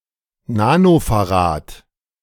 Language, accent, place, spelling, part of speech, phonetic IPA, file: German, Germany, Berlin, Nanofarad, noun, [ˈnaːnofaˌʁaːt], De-Nanofarad.ogg
- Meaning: nano-farad, nanofarad